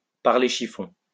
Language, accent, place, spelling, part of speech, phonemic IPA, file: French, France, Lyon, parler chiffons, verb, /paʁ.le ʃi.fɔ̃/, LL-Q150 (fra)-parler chiffons.wav
- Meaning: to talk about fashion, to talk clothes; to engage in girl talk; to chew the rag